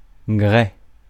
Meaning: 1. sandstone 2. stoneware
- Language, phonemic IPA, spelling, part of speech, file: French, /ɡʁɛ/, grès, noun, Fr-grès.ogg